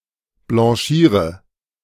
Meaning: inflection of blanchieren: 1. first-person singular present 2. singular imperative 3. first/third-person singular subjunctive I
- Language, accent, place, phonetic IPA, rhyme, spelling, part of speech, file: German, Germany, Berlin, [blɑ̃ˈʃiːʁə], -iːʁə, blanchiere, verb, De-blanchiere.ogg